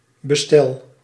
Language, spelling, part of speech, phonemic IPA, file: Dutch, bestelt, verb, /bəˈstɛlt/, Nl-bestelt.ogg
- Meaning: inflection of bestellen: 1. second/third-person singular present indicative 2. plural imperative